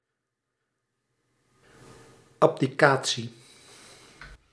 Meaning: abdication
- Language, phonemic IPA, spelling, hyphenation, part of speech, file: Dutch, /ɑb.diˈkaː(t).si/, abdicatie, ab‧di‧ca‧tie, noun, Nl-abdicatie.ogg